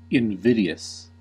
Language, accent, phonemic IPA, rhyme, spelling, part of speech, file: English, US, /ɪnˈvɪdi.əs/, -ɪdiəs, invidious, adjective, En-us-invidious.ogg
- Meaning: 1. Causing ill will, envy, or offense 2. Offensively or unfairly discriminating 3. Envious, jealous